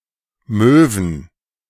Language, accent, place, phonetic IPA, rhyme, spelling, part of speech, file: German, Germany, Berlin, [ˈmøːvn̩], -øːvn̩, Möwen, noun, De-Möwen.ogg
- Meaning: plural of Möwe "gulls, seagulls"